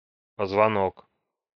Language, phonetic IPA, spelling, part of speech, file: Russian, [pəzvɐˈnok], позвонок, noun, Ru-позвонок.ogg
- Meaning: vertebra